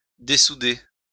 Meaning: 1. to unsolder 2. to murder
- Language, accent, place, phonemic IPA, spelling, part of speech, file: French, France, Lyon, /de.su.de/, dessouder, verb, LL-Q150 (fra)-dessouder.wav